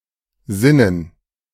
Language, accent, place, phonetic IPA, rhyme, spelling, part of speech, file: German, Germany, Berlin, [ˈzɪnən], -ɪnən, Sinnen, noun, De-Sinnen.ogg
- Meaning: dative plural of Sinn